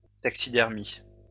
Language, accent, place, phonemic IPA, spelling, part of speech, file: French, France, Lyon, /tak.si.dɛʁ.mi/, taxidermie, noun, LL-Q150 (fra)-taxidermie.wav
- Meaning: taxidermy